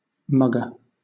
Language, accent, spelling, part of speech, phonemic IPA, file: English, Southern England, mugger, noun / adjective, /ˈmʌɡə/, LL-Q1860 (eng)-mugger.wav
- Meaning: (noun) 1. A person who assaults and robs others, especially in a public place 2. A person who makes exaggerated faces, as a performance; a gurner